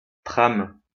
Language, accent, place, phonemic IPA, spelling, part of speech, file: French, France, Lyon, /tʁam/, trame, noun / verb, LL-Q150 (fra)-trame.wav
- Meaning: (noun) 1. weft 2. frame 3. screentone 4. frame, pipeline 5. intrigue, plot 6. frame (chunk of data); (verb) inflection of tramer: first/third-person singular present indicative/subjunctive